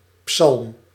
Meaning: psalm
- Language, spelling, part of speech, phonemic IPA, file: Dutch, psalm, noun, /psɑlm/, Nl-psalm.ogg